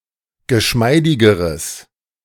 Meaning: strong/mixed nominative/accusative neuter singular comparative degree of geschmeidig
- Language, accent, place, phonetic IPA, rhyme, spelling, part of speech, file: German, Germany, Berlin, [ɡəˈʃmaɪ̯dɪɡəʁəs], -aɪ̯dɪɡəʁəs, geschmeidigeres, adjective, De-geschmeidigeres.ogg